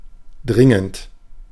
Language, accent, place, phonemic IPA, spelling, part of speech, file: German, Germany, Berlin, /ˈdrɪŋənt/, dringend, verb / adjective, De-dringend.ogg
- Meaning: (verb) present participle of dringen; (adjective) urgent